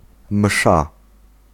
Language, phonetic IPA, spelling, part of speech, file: Polish, [m̥ʃa], msza, noun, Pl-msza.ogg